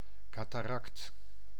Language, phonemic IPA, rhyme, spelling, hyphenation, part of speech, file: Dutch, /ˌkaː.taːˈrɑkt/, -ɑkt, cataract, ca‧ta‧ract, noun, Nl-cataract.ogg
- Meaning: 1. cataract, waterfall 2. cataract